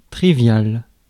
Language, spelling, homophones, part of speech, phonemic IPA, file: French, trivial, triviale / triviales, adjective, /tʁi.vjal/, Fr-trivial.ogg
- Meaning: 1. trivial (common, easy, obvious) 2. ordinary, mundane, commonplace 3. inelegant, unrefined (especially of a person's language) 4. crass, crude, vulgar, obscene (words, language, behavior, etc.)